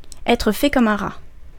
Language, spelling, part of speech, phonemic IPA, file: French, être fait comme un rat, verb, /ɛ.tʁə fɛ kɔ.m‿œ̃ ʁa/, Fr-être fait comme un rat.ogg
- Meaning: to be cornered, to be a dead duck, to be dead meat